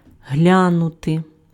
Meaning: to look at (once)
- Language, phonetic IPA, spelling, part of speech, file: Ukrainian, [ˈɦlʲanʊte], глянути, verb, Uk-глянути.ogg